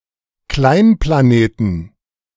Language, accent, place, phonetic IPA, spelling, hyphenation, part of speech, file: German, Germany, Berlin, [klaɪ̯nplaˈneːtn], Kleinplaneten, Klein‧pla‧ne‧ten, noun, De-Kleinplaneten.ogg
- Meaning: plural of Kleinplanet